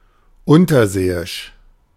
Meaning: submarine, undersea
- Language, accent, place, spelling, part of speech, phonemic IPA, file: German, Germany, Berlin, unterseeisch, adjective, /ˈʊntɐˌzeːɪʃ/, De-unterseeisch.ogg